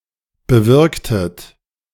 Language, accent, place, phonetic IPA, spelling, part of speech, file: German, Germany, Berlin, [bəˈvɪʁktət], bewirktet, verb, De-bewirktet.ogg
- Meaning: inflection of bewirken: 1. second-person plural preterite 2. second-person plural subjunctive II